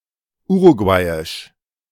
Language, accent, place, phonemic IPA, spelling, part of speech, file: German, Germany, Berlin, /ˈuːʁuɡvaɪ̯ɪʃ/, uruguayisch, adjective, De-uruguayisch.ogg
- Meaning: Uruguayan